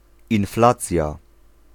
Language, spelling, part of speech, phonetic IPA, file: Polish, inflacja, noun, [ĩnˈflat͡sʲja], Pl-inflacja.ogg